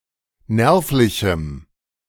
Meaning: strong dative masculine/neuter singular of nervlich
- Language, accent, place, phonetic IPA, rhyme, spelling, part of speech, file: German, Germany, Berlin, [ˈnɛʁflɪçm̩], -ɛʁflɪçm̩, nervlichem, adjective, De-nervlichem.ogg